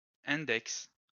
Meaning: 1. index 2. forefinger 3. the welcome page of a web site, typically index.html, index.htm or index.php
- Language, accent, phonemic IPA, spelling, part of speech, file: French, France, /ɛ̃.dɛks/, index, noun, LL-Q150 (fra)-index.wav